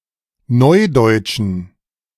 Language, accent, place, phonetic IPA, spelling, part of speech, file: German, Germany, Berlin, [ˈnɔɪ̯dɔɪ̯tʃn̩], neudeutschen, adjective, De-neudeutschen.ogg
- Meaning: inflection of neudeutsch: 1. strong genitive masculine/neuter singular 2. weak/mixed genitive/dative all-gender singular 3. strong/weak/mixed accusative masculine singular 4. strong dative plural